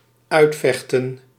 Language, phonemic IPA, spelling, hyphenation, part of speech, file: Dutch, /ˈœy̯tˌfɛx.tə(n)/, uitvechten, uit‧vech‧ten, verb, Nl-uitvechten.ogg
- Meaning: to reach a solution or an end through fighting; to fight it out